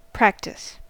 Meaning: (noun) 1. Repetition of an activity to improve a skill 2. Repetition of an activity to improve a skill.: An organized event for the purpose of performing such repetition
- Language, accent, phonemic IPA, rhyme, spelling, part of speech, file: English, US, /ˈpɹæktɪs/, -æktɪs, practice, noun / verb, En-us-practice.ogg